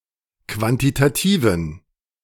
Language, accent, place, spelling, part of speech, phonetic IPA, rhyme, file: German, Germany, Berlin, quantitativen, adjective, [ˌkvantitaˈtiːvn̩], -iːvn̩, De-quantitativen.ogg
- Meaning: inflection of quantitativ: 1. strong genitive masculine/neuter singular 2. weak/mixed genitive/dative all-gender singular 3. strong/weak/mixed accusative masculine singular 4. strong dative plural